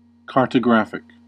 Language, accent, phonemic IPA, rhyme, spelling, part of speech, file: English, US, /ˌkɑɹ.təˈɡɹæf.ɪk/, -æfɪk, cartographic, adjective, En-us-cartographic.ogg
- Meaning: Of or pertaining to the making of maps